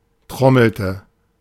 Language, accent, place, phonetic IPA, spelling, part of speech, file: German, Germany, Berlin, [ˈtʁɔml̩tə], trommelte, verb, De-trommelte.ogg
- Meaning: inflection of trommeln: 1. first/third-person singular preterite 2. first/third-person singular subjunctive II